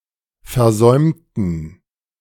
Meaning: inflection of versäumen: 1. first/third-person plural preterite 2. first/third-person plural subjunctive II
- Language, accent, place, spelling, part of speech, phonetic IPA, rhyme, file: German, Germany, Berlin, versäumten, adjective / verb, [fɛɐ̯ˈzɔɪ̯mtn̩], -ɔɪ̯mtn̩, De-versäumten.ogg